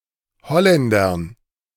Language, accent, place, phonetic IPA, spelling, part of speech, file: German, Germany, Berlin, [ˈhɔlɛndɐn], Holländern, noun, De-Holländern.ogg
- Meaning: dative plural of Holländer